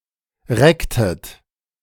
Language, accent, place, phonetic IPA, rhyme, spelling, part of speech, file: German, Germany, Berlin, [ˈʁɛktət], -ɛktət, recktet, verb, De-recktet.ogg
- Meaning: inflection of recken: 1. second-person plural preterite 2. second-person plural subjunctive II